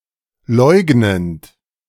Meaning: present participle of leugnen
- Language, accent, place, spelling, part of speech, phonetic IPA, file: German, Germany, Berlin, leugnend, verb, [ˈlɔɪ̯ɡnənt], De-leugnend.ogg